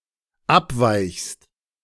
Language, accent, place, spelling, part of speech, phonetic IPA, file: German, Germany, Berlin, abweichst, verb, [ˈapˌvaɪ̯çst], De-abweichst.ogg
- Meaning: second-person singular dependent present of abweichen